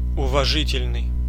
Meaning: 1. valid, good 2. respectful, deferential
- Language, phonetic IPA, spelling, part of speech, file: Russian, [ʊvɐˈʐɨtʲɪlʲnɨj], уважительный, adjective, Ru-уважительный.ogg